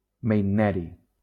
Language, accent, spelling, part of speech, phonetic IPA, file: Catalan, Valencia, meitneri, noun, [mejdˈnɛ.ɾi], LL-Q7026 (cat)-meitneri.wav
- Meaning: meitnerium